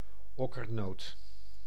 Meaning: synonym of walnoot (“walnut”)
- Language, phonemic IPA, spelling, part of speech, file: Dutch, /ˈɔ.kərˌnoːt/, okkernoot, noun, Nl-okkernoot.ogg